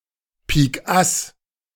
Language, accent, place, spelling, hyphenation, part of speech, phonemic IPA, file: German, Germany, Berlin, Pikass, Pik‧ass, noun, /ˌpiːkˈʔas/, De-Pikass.ogg
- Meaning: ace of spades